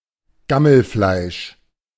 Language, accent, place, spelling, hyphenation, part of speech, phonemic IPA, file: German, Germany, Berlin, Gammelfleisch, Gam‧mel‧fleisch, noun, /ˈɡaml̩ˌflaɪ̯ʃ/, De-Gammelfleisch.ogg
- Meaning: spoiled meat